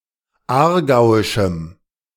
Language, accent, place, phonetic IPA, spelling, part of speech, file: German, Germany, Berlin, [ˈaːɐ̯ˌɡaʊ̯ɪʃm̩], aargauischem, adjective, De-aargauischem.ogg
- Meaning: strong dative masculine/neuter singular of aargauisch